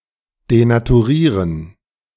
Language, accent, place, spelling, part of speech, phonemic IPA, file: German, Germany, Berlin, denaturieren, verb, /denatuˈʁiːʁən/, De-denaturieren.ogg
- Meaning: to denature